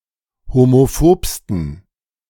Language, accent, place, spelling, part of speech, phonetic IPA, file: German, Germany, Berlin, homophobsten, adjective, [homoˈfoːpstn̩], De-homophobsten.ogg
- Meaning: 1. superlative degree of homophob 2. inflection of homophob: strong genitive masculine/neuter singular superlative degree